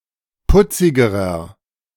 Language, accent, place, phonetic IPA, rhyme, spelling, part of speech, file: German, Germany, Berlin, [ˈpʊt͡sɪɡəʁɐ], -ʊt͡sɪɡəʁɐ, putzigerer, adjective, De-putzigerer.ogg
- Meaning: inflection of putzig: 1. strong/mixed nominative masculine singular comparative degree 2. strong genitive/dative feminine singular comparative degree 3. strong genitive plural comparative degree